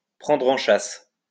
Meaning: to give chase to, to chase, to pursue, to hunt
- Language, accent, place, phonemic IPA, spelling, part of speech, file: French, France, Lyon, /pʁɑ̃dʁ ɑ̃ ʃas/, prendre en chasse, verb, LL-Q150 (fra)-prendre en chasse.wav